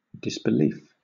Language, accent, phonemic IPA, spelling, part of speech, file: English, Southern England, /dɪsbɪˈliːf/, disbelief, noun, LL-Q1860 (eng)-disbelief.wav
- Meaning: 1. An unpreparedness, unwillingness, or an inability to believe that something is the case 2. Astonishment 3. The loss or abandonment of a belief; the cessation of belief